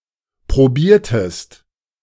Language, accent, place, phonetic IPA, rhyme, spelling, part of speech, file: German, Germany, Berlin, [pʁoˈbiːɐ̯təst], -iːɐ̯təst, probiertest, verb, De-probiertest.ogg
- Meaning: inflection of probieren: 1. second-person singular preterite 2. second-person singular subjunctive II